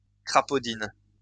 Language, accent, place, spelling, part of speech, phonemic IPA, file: French, France, Lyon, crapaudine, noun / adverb, /kʁa.po.din/, LL-Q150 (fra)-crapaudine.wav
- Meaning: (noun) 1. Several types of precious stones 2. Several types of precious stones: toadstone 3. ironwort (Sideritis) 4. A form of torture; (adverb) In the crapaudine style